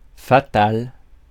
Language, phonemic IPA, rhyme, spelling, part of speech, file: French, /fa.tal/, -al, fatal, adjective, Fr-fatal.ogg
- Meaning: 1. fatal (due to fate) 2. fatal (causing death)